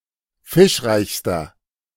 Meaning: inflection of fischreich: 1. strong/mixed nominative masculine singular superlative degree 2. strong genitive/dative feminine singular superlative degree 3. strong genitive plural superlative degree
- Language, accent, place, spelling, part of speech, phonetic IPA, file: German, Germany, Berlin, fischreichster, adjective, [ˈfɪʃˌʁaɪ̯çstɐ], De-fischreichster.ogg